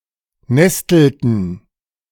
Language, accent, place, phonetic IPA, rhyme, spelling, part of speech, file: German, Germany, Berlin, [ˈnɛstl̩tn̩], -ɛstl̩tn̩, nestelten, verb, De-nestelten.ogg
- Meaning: inflection of nesteln: 1. first/third-person plural preterite 2. first/third-person plural subjunctive II